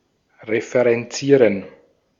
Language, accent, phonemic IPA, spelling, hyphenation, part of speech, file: German, Austria, /ʁefəʁɛnˈtsiːʁən/, referenzieren, re‧fe‧ren‧zie‧ren, verb, De-at-referenzieren.ogg
- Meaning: to reference (refer to)